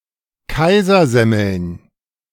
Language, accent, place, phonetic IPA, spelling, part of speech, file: German, Germany, Berlin, [ˈkaɪ̯zɐˌzɛml̩n], Kaisersemmeln, noun, De-Kaisersemmeln.ogg
- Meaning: plural of Kaisersemmel